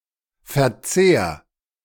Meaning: 1. singular imperative of verzehren 2. first-person singular present of verzehren
- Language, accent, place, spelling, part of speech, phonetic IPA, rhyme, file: German, Germany, Berlin, verzehr, verb, [fɛɐ̯ˈt͡seːɐ̯], -eːɐ̯, De-verzehr.ogg